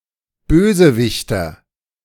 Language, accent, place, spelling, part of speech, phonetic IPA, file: German, Germany, Berlin, Bösewichter, noun, [ˈbøːzəˌvɪçtɐ], De-Bösewichter.ogg
- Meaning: nominative/accusative/genitive plural of Bösewicht